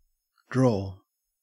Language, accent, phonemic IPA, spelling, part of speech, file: English, Australia, /dɹoː/, draw, verb / interjection / noun, En-au-draw.ogg
- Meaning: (verb) Senses relating to exerting force or pulling.: 1. To pull (someone or something) in a particular direction or manner 2. To move (a body part) in a particular direction